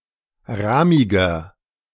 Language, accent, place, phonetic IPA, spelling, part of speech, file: German, Germany, Berlin, [ˈʁaːmɪɡɐ], rahmiger, adjective, De-rahmiger.ogg
- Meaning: 1. comparative degree of rahmig 2. inflection of rahmig: strong/mixed nominative masculine singular 3. inflection of rahmig: strong genitive/dative feminine singular